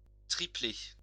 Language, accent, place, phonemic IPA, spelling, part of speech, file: French, France, Lyon, /tʁi.ple/, triplé, noun / verb, LL-Q150 (fra)-triplé.wav
- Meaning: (noun) 1. triplet (one of a group of three siblings born at the same time to the same mother) 2. treble (a team that wins three competitions in the same season)